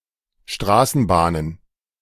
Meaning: plural of Straßenbahn
- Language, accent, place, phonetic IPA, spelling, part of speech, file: German, Germany, Berlin, [ˈʃtʁaːsn̩ˌbaːnən], Straßenbahnen, noun, De-Straßenbahnen.ogg